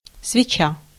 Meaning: 1. candle (a light source, usually of wax) 2. candela (unit of luminous intensit) 3. spark plug / sparking plug 4. suppository 5. lob
- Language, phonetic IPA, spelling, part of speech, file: Russian, [svʲɪˈt͡ɕa], свеча, noun, Ru-свеча.ogg